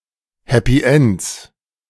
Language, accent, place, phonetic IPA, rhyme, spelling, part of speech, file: German, Germany, Berlin, [ˈhɛpi ˈɛnt͡s], -ɛnt͡s, Happy Ends, noun, De-Happy Ends.ogg
- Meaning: 1. genitive of Happy End 2. plural of Happy End